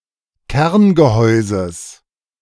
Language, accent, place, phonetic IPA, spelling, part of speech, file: German, Germany, Berlin, [ˈkɛʁnɡəˌhɔɪ̯zəs], Kerngehäuses, noun, De-Kerngehäuses.ogg
- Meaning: genitive singular of Kerngehäuse